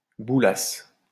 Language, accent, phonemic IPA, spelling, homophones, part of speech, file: French, France, /bu.las/, boulasse, boulasses / boulassent, verb, LL-Q150 (fra)-boulasse.wav
- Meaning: first-person singular imperfect subjunctive of bouler